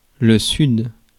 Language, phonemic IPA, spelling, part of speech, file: French, /syd/, sud, noun, Fr-sud.ogg
- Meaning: south